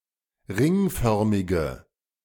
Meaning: inflection of ringförmig: 1. strong/mixed nominative/accusative feminine singular 2. strong nominative/accusative plural 3. weak nominative all-gender singular
- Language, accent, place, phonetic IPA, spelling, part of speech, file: German, Germany, Berlin, [ˈʁɪŋˌfœʁmɪɡə], ringförmige, adjective, De-ringförmige.ogg